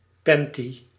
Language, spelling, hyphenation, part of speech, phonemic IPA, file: Dutch, panty, pan‧ty, noun, /ˈpɛnti/, Nl-panty.ogg
- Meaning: 1. a pantyhose, nylon tights worn about legs by women 2. originally, short and/or legless undershorts worn by women and children